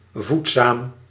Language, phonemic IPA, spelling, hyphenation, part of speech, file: Dutch, /ˈvut.saːm/, voedzaam, voed‧zaam, adjective, Nl-voedzaam.ogg
- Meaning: nourishing, nutritious